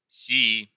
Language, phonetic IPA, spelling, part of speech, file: Russian, [sʲɪˈi], сии, pronoun, Ru-сии.ogg
- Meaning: inflection of сей (sej): 1. nominative plural 2. inanimate accusative plural